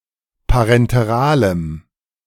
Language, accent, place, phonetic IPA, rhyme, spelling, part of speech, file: German, Germany, Berlin, [paʁɛnteˈʁaːləm], -aːləm, parenteralem, adjective, De-parenteralem.ogg
- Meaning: strong dative masculine/neuter singular of parenteral